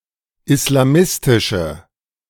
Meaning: inflection of islamistisch: 1. strong/mixed nominative/accusative feminine singular 2. strong nominative/accusative plural 3. weak nominative all-gender singular
- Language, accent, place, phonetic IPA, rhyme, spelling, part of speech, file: German, Germany, Berlin, [ɪslaˈmɪstɪʃə], -ɪstɪʃə, islamistische, adjective, De-islamistische.ogg